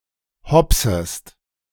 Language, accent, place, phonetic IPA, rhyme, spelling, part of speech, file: German, Germany, Berlin, [ˈhɔpsəst], -ɔpsəst, hopsest, verb, De-hopsest.ogg
- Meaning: second-person singular subjunctive I of hopsen